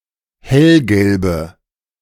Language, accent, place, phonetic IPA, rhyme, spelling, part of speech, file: German, Germany, Berlin, [ˈhɛlɡɛlbə], -ɛlɡɛlbə, hellgelbe, adjective, De-hellgelbe.ogg
- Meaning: inflection of hellgelb: 1. strong/mixed nominative/accusative feminine singular 2. strong nominative/accusative plural 3. weak nominative all-gender singular